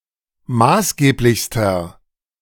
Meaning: inflection of maßgeblich: 1. strong/mixed nominative masculine singular superlative degree 2. strong genitive/dative feminine singular superlative degree 3. strong genitive plural superlative degree
- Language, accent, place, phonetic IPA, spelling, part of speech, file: German, Germany, Berlin, [ˈmaːsˌɡeːplɪçstɐ], maßgeblichster, adjective, De-maßgeblichster.ogg